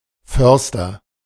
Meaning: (noun) forester (a person who practices forestry); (proper noun) a surname
- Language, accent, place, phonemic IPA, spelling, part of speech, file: German, Germany, Berlin, /ˈfœʁstɐ/, Förster, noun / proper noun, De-Förster.ogg